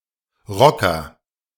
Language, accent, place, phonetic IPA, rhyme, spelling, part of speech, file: German, Germany, Berlin, [ˈʁɔkɐ], -ɔkɐ, Rocker, noun, De-Rocker.ogg
- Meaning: 1. rocker (musician who plays rock music) 2. rocker (someone passionate about rock music) 3. biker (a member of a motorcycle gang)